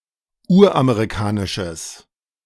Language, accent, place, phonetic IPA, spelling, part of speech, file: German, Germany, Berlin, [ˈuːɐ̯ʔameʁiˌkaːnɪʃəs], uramerikanisches, adjective, De-uramerikanisches.ogg
- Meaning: strong/mixed nominative/accusative neuter singular of uramerikanisch